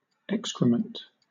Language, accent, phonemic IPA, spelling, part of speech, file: English, Southern England, /ˈɛkskɹəmənt/, excrement, noun, LL-Q1860 (eng)-excrement.wav
- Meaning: 1. Human and non-human animal solid waste excreted from the bowels; feces 2. Any waste matter excreted from the human or non-human animal body, or discharged by bodily organs